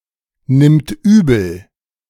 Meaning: third-person singular present of übelnehmen
- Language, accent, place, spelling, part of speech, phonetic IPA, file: German, Germany, Berlin, nimmt übel, verb, [ˌnɪmt ˈyːbl̩], De-nimmt übel.ogg